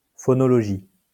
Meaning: phonology
- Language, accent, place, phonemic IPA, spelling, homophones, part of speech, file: French, France, Lyon, /fɔ.nɔ.lɔ.ʒi/, phonologie, phonologies, noun, LL-Q150 (fra)-phonologie.wav